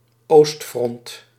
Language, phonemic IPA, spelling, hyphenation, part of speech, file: Dutch, /ˈoːst.frɔnt/, oostfront, oost‧front, noun, Nl-oostfront.ogg
- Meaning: east front, eastern front